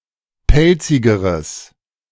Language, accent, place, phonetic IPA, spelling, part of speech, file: German, Germany, Berlin, [ˈpɛlt͡sɪɡəʁəs], pelzigeres, adjective, De-pelzigeres.ogg
- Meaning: strong/mixed nominative/accusative neuter singular comparative degree of pelzig